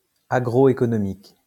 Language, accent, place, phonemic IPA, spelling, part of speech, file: French, France, Lyon, /a.ɡʁo.e.kɔ.nɔ.mik/, agroéconomique, adjective, LL-Q150 (fra)-agroéconomique.wav
- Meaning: agroeconomic